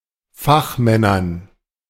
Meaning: dative plural of Fachmann
- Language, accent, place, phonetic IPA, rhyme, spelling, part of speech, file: German, Germany, Berlin, [ˈfaxˌmɛnɐn], -axmɛnɐn, Fachmännern, noun, De-Fachmännern.ogg